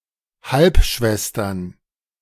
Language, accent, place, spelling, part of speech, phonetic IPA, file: German, Germany, Berlin, Halbschwestern, noun, [ˈhalpˌʃvɛstɐn], De-Halbschwestern.ogg
- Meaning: plural of Halbschwester